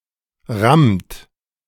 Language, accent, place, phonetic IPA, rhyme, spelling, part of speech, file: German, Germany, Berlin, [ʁamt], -amt, rammt, verb, De-rammt.ogg
- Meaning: inflection of rammen: 1. third-person singular present 2. second-person plural present 3. plural imperative